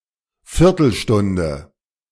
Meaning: quarter of an hour
- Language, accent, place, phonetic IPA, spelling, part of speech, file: German, Germany, Berlin, [ˈfɪʁtl̩ˌʃtʊndə], Viertelstunde, noun, De-Viertelstunde.ogg